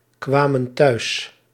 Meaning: inflection of thuiskomen: 1. plural past indicative 2. plural past subjunctive
- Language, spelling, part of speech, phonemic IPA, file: Dutch, kwamen thuis, verb, /ˈkwamə(n) ˈtœys/, Nl-kwamen thuis.ogg